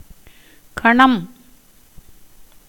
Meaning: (noun) 1. demon 2. group, collection, class, tribe, herd 3. company, assembly; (numeral) one hundred billion (10¹¹); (noun) a moment of time
- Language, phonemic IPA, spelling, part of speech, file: Tamil, /kɐɳɐm/, கணம், noun / numeral, Ta-கணம்.ogg